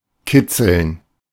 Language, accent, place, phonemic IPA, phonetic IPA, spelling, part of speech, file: German, Germany, Berlin, /ˈkɪt͡səln/, [ˈkɪt͡sl̩n], kitzeln, verb, De-kitzeln.ogg
- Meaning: to tickle